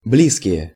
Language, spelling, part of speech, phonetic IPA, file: Russian, близкие, adjective / noun, [ˈblʲiskʲɪje], Ru-близкие.ogg
- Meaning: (adjective) inflection of бли́зкий (blízkij): 1. plural nominative 2. inanimate plural accusative; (noun) folks, (one's) family, the loved ones